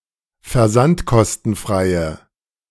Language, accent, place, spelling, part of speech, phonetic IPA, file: German, Germany, Berlin, versandkostenfreie, adjective, [fɛɐ̯ˈzantkɔstn̩ˌfʁaɪ̯ə], De-versandkostenfreie.ogg
- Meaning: inflection of versandkostenfrei: 1. strong/mixed nominative/accusative feminine singular 2. strong nominative/accusative plural 3. weak nominative all-gender singular